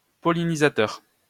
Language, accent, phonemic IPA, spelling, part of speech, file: French, France, /pɔ.li.ni.za.tœʁ/, pollinisateur, adjective / noun, LL-Q150 (fra)-pollinisateur.wav
- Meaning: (adjective) pollenising; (noun) pollinator